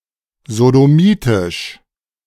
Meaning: sodomitic
- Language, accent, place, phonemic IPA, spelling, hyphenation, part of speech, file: German, Germany, Berlin, /zodoˈmiːtɪʃ/, sodomitisch, so‧do‧mi‧tisch, adjective, De-sodomitisch.ogg